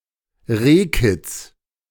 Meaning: fawn, a baby roe deer
- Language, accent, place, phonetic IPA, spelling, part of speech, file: German, Germany, Berlin, [ˈʁeːˌkɪt͡s], Rehkitz, noun, De-Rehkitz.ogg